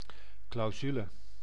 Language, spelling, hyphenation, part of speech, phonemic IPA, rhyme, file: Dutch, clausule, clau‧su‧le, noun, /klɑu̯ˈzylə/, -ylə, Nl-clausule.ogg
- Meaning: a clause, provision, stipulation in a contract, law etc